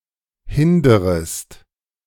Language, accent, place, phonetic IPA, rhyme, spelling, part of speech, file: German, Germany, Berlin, [ˈhɪndəʁəst], -ɪndəʁəst, hinderest, verb, De-hinderest.ogg
- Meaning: second-person singular subjunctive I of hindern